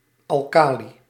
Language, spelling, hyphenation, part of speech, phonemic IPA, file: Dutch, alkali, al‧ka‧li, noun, /ˌɑlˈkaː.li/, Nl-alkali.ogg
- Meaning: alkali